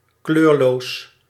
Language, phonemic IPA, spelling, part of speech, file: Dutch, /ˈkløːr.loːs/, kleurloos, adjective, Nl-kleurloos.ogg
- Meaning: 1. colourless, having no (or little) colour 2. pale, dull